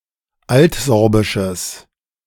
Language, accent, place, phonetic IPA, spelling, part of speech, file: German, Germany, Berlin, [ˈaltˌzɔʁbɪʃəs], altsorbisches, adjective, De-altsorbisches.ogg
- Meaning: strong/mixed nominative/accusative neuter singular of altsorbisch